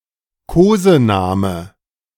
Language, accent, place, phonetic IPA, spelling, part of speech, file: German, Germany, Berlin, [ˈkoːzəˌnaːmə], Kosename, noun, De-Kosename.ogg
- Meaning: pet name